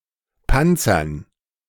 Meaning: dative plural of Panzer
- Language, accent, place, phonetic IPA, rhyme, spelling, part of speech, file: German, Germany, Berlin, [ˈpant͡sɐn], -ant͡sɐn, Panzern, noun, De-Panzern.ogg